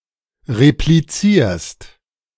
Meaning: second-person singular present of replizieren
- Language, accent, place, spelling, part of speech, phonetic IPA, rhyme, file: German, Germany, Berlin, replizierst, verb, [ʁepliˈt͡siːɐ̯st], -iːɐ̯st, De-replizierst.ogg